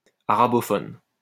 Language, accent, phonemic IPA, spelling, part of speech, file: French, France, /a.ʁa.bɔ.fɔn/, arabophone, adjective / noun, LL-Q150 (fra)-arabophone.wav
- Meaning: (adjective) Arabic-speaking, Arabophone; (noun) Arabic speaker, Arabophone